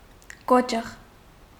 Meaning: 1. tree stump, stub 2. block, log, large piece of wood 3. stocks (punishment device)
- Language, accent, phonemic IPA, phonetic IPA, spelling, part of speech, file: Armenian, Eastern Armenian, /ˈkot͡ʃəʁ/, [kót͡ʃəʁ], կոճղ, noun, Hy-կոճղ.ogg